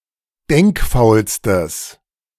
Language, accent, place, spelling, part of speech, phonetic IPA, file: German, Germany, Berlin, denkfaulstes, adjective, [ˈdɛŋkˌfaʊ̯lstəs], De-denkfaulstes.ogg
- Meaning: strong/mixed nominative/accusative neuter singular superlative degree of denkfaul